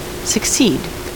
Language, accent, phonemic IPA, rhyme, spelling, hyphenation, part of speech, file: English, US, /səkˈsiːd/, -iːd, succeed, suc‧ceed, verb, En-us-succeed.ogg
- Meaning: 1. To follow something in sequence or time 2. To replace or supplant someone in order vis-à-vis an office, position, or title